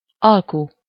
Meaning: 1. bargain, deal 2. agreement, contract, treaty 3. negotiation, bargaining
- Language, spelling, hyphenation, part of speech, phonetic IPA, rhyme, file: Hungarian, alku, al‧ku, noun, [ˈɒlku], -ku, Hu-alku.ogg